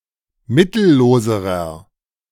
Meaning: inflection of mittellos: 1. strong/mixed nominative masculine singular comparative degree 2. strong genitive/dative feminine singular comparative degree 3. strong genitive plural comparative degree
- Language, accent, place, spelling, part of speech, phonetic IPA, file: German, Germany, Berlin, mittelloserer, adjective, [ˈmɪtl̩ˌloːzəʁɐ], De-mittelloserer.ogg